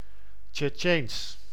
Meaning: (adjective) 1. referring to the Chechen people 2. in or referring to the Chechen language; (proper noun) the Chechen language
- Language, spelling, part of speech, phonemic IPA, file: Dutch, Tsjetsjeens, adjective / proper noun, /tʃɛˈtʃeːns/, Nl-Tsjetsjeens.ogg